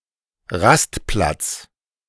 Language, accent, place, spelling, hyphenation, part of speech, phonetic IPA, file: German, Germany, Berlin, Rastplatz, Rast‧platz, noun, [ˈʁastplats], De-Rastplatz.ogg
- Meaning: A resting area by a road or motorway, often with toilets and benches, but with no petrol station or motel and at most small-scale catering